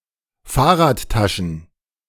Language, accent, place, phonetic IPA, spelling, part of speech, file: German, Germany, Berlin, [ˈfaːɐ̯ʁaːtˌtaʃn̩], Fahrradtaschen, noun, De-Fahrradtaschen.ogg
- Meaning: plural of Fahrradtasche